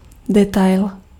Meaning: detail
- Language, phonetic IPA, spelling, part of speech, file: Czech, [ˈdɛtaɪl], detail, noun, Cs-detail.ogg